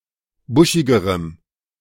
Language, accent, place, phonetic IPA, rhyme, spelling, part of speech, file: German, Germany, Berlin, [ˈbʊʃɪɡəʁəm], -ʊʃɪɡəʁəm, buschigerem, adjective, De-buschigerem.ogg
- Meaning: strong dative masculine/neuter singular comparative degree of buschig